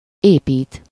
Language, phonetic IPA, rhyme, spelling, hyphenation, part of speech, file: Hungarian, [ˈeːpiːt], -iːt, épít, épít, verb, Hu-épít.ogg
- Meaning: to build, construct